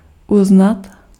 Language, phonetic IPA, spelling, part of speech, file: Czech, [ˈuznat], uznat, verb, Cs-uznat.ogg
- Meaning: 1. to recognize (to acknowledge as valid) 2. to confess